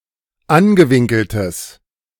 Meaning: strong/mixed nominative/accusative neuter singular of angewinkelt
- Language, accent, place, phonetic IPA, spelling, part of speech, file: German, Germany, Berlin, [ˈanɡəˌvɪŋkl̩təs], angewinkeltes, adjective, De-angewinkeltes.ogg